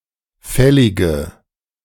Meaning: inflection of fällig: 1. strong/mixed nominative/accusative feminine singular 2. strong nominative/accusative plural 3. weak nominative all-gender singular 4. weak accusative feminine/neuter singular
- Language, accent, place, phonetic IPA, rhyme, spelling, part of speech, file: German, Germany, Berlin, [ˈfɛlɪɡə], -ɛlɪɡə, fällige, adjective, De-fällige.ogg